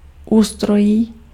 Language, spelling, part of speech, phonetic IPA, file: Czech, ústrojí, noun, [ˈuːstrojiː], Cs-ústrojí.ogg
- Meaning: 1. tract, system 2. inflection of ústroj: instrumental singular 3. inflection of ústroj: genitive plural